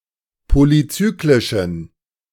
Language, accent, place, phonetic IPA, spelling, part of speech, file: German, Germany, Berlin, [ˌpolyˈt͡syːklɪʃn̩], polyzyklischen, adjective, De-polyzyklischen.ogg
- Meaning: inflection of polyzyklisch: 1. strong genitive masculine/neuter singular 2. weak/mixed genitive/dative all-gender singular 3. strong/weak/mixed accusative masculine singular 4. strong dative plural